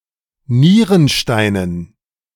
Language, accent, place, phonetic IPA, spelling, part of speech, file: German, Germany, Berlin, [ˈniːʁənˌʃtaɪ̯nən], Nierensteinen, noun, De-Nierensteinen.ogg
- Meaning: dative plural of Nierenstein